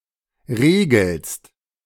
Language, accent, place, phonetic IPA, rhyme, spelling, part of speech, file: German, Germany, Berlin, [ˈʁeːɡl̩st], -eːɡl̩st, regelst, verb, De-regelst.ogg
- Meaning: second-person singular present of regeln